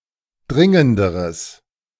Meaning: strong/mixed nominative/accusative neuter singular comparative degree of dringend
- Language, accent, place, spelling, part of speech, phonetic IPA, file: German, Germany, Berlin, dringenderes, adjective, [ˈdʁɪŋəndəʁəs], De-dringenderes.ogg